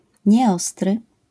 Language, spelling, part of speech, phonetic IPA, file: Polish, nieostry, adjective, [ɲɛˈɔstrɨ], LL-Q809 (pol)-nieostry.wav